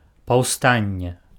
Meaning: 1. riot 2. rebellion, revolt, uprising, insurrection
- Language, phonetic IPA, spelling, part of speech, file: Belarusian, [pau̯ˈstanʲːe], паўстанне, noun, Be-паўстанне.ogg